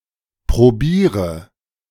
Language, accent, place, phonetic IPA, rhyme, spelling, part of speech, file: German, Germany, Berlin, [pʁoˈbiːʁə], -iːʁə, probiere, verb, De-probiere.ogg
- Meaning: inflection of probieren: 1. first-person singular present 2. first/third-person singular subjunctive I 3. singular imperative